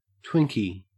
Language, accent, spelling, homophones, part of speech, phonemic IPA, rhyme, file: English, Australia, Twinkie, twinkie / twinky, noun, /ˈtwɪŋki/, -ɪŋki, En-au-Twinkie.ogg
- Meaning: A yellow cake with a creamy white filling, known for its artificiality and supposedly long shelf life